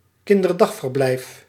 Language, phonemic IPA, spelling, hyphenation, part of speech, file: Dutch, /kɪn.dərˈdɑx.vərˌblɛi̯f/, kinderdagverblijf, kin‧der‧dag‧ver‧blijf, noun, Nl-kinderdagverblijf.ogg